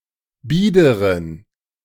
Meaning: inflection of bieder: 1. strong genitive masculine/neuter singular 2. weak/mixed genitive/dative all-gender singular 3. strong/weak/mixed accusative masculine singular 4. strong dative plural
- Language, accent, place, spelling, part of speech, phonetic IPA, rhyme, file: German, Germany, Berlin, biederen, adjective, [ˈbiːdəʁən], -iːdəʁən, De-biederen.ogg